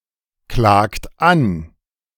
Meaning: inflection of anklagen: 1. third-person singular present 2. second-person plural present 3. plural imperative
- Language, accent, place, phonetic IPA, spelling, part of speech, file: German, Germany, Berlin, [ˌklaːkt ˈan], klagt an, verb, De-klagt an.ogg